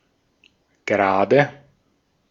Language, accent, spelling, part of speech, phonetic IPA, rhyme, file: German, Austria, Grade, noun, [ˈɡʁaːdə], -aːdə, De-at-Grade.ogg
- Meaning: nominative/accusative/genitive plural of Grad